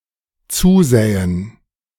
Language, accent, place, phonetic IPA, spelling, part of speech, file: German, Germany, Berlin, [ˈt͡suːˌzɛːən], zusähen, verb, De-zusähen.ogg
- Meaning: first/third-person plural dependent subjunctive II of zusehen